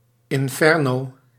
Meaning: 1. hell-like place or situation 2. hellfire 3. a large fire
- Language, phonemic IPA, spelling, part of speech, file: Dutch, /ɪɱˈfɛrno/, inferno, noun, Nl-inferno.ogg